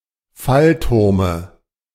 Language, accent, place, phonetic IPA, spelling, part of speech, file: German, Germany, Berlin, [ˈfalˌtʊʁmə], Fallturme, noun, De-Fallturme.ogg
- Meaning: dative singular of Fallturm